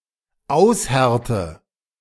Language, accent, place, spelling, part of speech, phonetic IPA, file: German, Germany, Berlin, aushärte, verb, [ˈaʊ̯sˌhɛʁtə], De-aushärte.ogg
- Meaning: inflection of aushärten: 1. first-person singular dependent present 2. first/third-person singular dependent subjunctive I